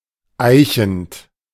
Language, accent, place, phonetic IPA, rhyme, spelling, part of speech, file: German, Germany, Berlin, [ˈaɪ̯çn̩t], -aɪ̯çn̩t, eichend, verb, De-eichend.ogg
- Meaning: present participle of eichen